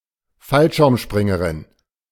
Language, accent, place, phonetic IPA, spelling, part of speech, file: German, Germany, Berlin, [ˈfalʃɪʁmˌʃpʁɪŋəʁɪn], Fallschirmspringerin, noun, De-Fallschirmspringerin.ogg
- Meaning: 1. female parachutist 2. female skydiver